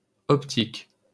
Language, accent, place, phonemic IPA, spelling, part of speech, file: French, France, Paris, /ɔp.tik/, optique, adjective / noun, LL-Q150 (fra)-optique.wav
- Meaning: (adjective) optic, optical; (noun) 1. optics 2. point of view, perspective